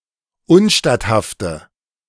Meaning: inflection of unstatthaft: 1. strong/mixed nominative/accusative feminine singular 2. strong nominative/accusative plural 3. weak nominative all-gender singular
- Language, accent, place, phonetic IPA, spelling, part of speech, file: German, Germany, Berlin, [ˈʊnˌʃtathaftə], unstatthafte, adjective, De-unstatthafte.ogg